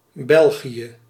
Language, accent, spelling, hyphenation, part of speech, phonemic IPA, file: Dutch, Belgium, België, Bel‧gië, proper noun, /ˈbɛl.ɣi.jə/, Nl-België.ogg
- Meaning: Belgium (a country in Western Europe that has borders with the Netherlands, Germany, Luxembourg and France)